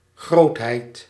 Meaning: 1. greatness 2. quantity
- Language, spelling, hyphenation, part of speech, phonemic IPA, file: Dutch, grootheid, groot‧heid, noun, /ˈɣrotheit/, Nl-grootheid.ogg